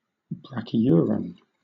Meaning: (adjective) Of or pertaining to true crabs; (noun) A crab of the true crabs. A member of the infraorder Brachyura
- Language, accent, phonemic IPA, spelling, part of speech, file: English, Southern England, /ˌbɹæk.iˈjʊə.ɹən/, brachyuran, adjective / noun, LL-Q1860 (eng)-brachyuran.wav